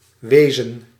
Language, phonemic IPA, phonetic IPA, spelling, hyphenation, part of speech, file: Dutch, /ˈʋeː.zə(n)/, [ˈʋeɪ̯zə(n)], wezen, we‧zen, verb / noun, Nl-wezen.ogg
- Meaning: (verb) 1. synonym of zijn 2. imperative plural of zijn 3. used with an action verb in the infinitive to indicate that the action took place elsewhere and has been concluded; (noun) a being, creature